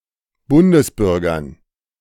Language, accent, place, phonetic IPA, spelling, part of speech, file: German, Germany, Berlin, [ˈbʊndəsˌbʏʁɡɐn], Bundesbürgern, noun, De-Bundesbürgern.ogg
- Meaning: dative plural of Bundesbürger